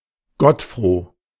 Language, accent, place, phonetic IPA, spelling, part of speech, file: German, Germany, Berlin, [ˈɡɔtˌfʁoː], gottfroh, adjective, De-gottfroh.ogg
- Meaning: very happy